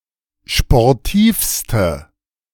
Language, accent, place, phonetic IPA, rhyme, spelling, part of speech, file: German, Germany, Berlin, [ʃpɔʁˈtiːfstə], -iːfstə, sportivste, adjective, De-sportivste.ogg
- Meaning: inflection of sportiv: 1. strong/mixed nominative/accusative feminine singular superlative degree 2. strong nominative/accusative plural superlative degree